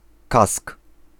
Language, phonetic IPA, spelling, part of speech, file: Polish, [kask], kask, noun, Pl-kask.ogg